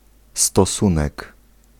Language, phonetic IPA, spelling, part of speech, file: Polish, [stɔˈsũnɛk], stosunek, noun, Pl-stosunek.ogg